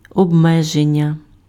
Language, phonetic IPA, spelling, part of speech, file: Ukrainian, [ɔbˈmɛʒenʲːɐ], обмеження, noun, Uk-обмеження.ogg
- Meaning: 1. limitation, restriction, confinement 2. verbal noun of обме́жити pf (obméžyty)